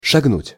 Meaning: to step (move on the feet)
- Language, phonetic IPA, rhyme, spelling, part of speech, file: Russian, [ʂɐɡˈnutʲ], -utʲ, шагнуть, verb, Ru-шагнуть.ogg